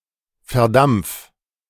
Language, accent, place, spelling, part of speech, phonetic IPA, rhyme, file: German, Germany, Berlin, verdampf, verb, [fɛɐ̯ˈdamp͡f], -amp͡f, De-verdampf.ogg
- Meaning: 1. singular imperative of verdampfen 2. first-person singular present of verdampfen